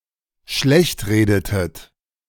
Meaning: inflection of schlechtreden: 1. second-person plural dependent preterite 2. second-person plural dependent subjunctive II
- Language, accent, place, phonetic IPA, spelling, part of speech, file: German, Germany, Berlin, [ˈʃlɛçtˌʁeːdətət], schlechtredetet, verb, De-schlechtredetet.ogg